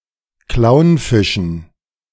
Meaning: dative plural of Clownfisch
- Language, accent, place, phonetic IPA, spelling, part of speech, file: German, Germany, Berlin, [ˈklaʊ̯nˌfɪʃn̩], Clownfischen, noun, De-Clownfischen.ogg